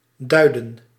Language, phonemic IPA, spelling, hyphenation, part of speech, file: Dutch, /ˈdœy̯də(n)/, duiden, dui‧den, verb, Nl-duiden.ogg
- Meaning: 1. to point to, refer to, suggest 2. to explain, clarify